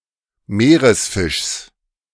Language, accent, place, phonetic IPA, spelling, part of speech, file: German, Germany, Berlin, [ˈmeːʁəsˌfɪʃs], Meeresfischs, noun, De-Meeresfischs.ogg
- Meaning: genitive of Meeresfisch